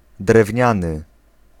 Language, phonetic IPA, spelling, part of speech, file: Polish, [drɛvʲˈɲãnɨ], drewniany, adjective, Pl-drewniany.ogg